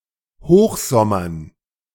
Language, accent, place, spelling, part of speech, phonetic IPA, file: German, Germany, Berlin, Hochsommern, noun, [ˈhoːxzɔmɐn], De-Hochsommern.ogg
- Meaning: dative plural of Hochsommer